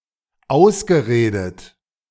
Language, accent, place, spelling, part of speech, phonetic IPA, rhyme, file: German, Germany, Berlin, ausgeredet, verb, [ˈaʊ̯sɡəˌʁeːdət], -aʊ̯sɡəʁeːdət, De-ausgeredet.ogg
- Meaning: past participle of ausreden